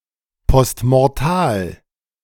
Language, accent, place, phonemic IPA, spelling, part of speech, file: German, Germany, Berlin, /pɔstmɔʁˈtaːl/, postmortal, adjective, De-postmortal.ogg
- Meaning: post mortem